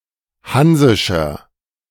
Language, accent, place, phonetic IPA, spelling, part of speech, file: German, Germany, Berlin, [ˈhanzɪʃɐ], hansischer, adjective, De-hansischer.ogg
- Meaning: inflection of hansisch: 1. strong/mixed nominative masculine singular 2. strong genitive/dative feminine singular 3. strong genitive plural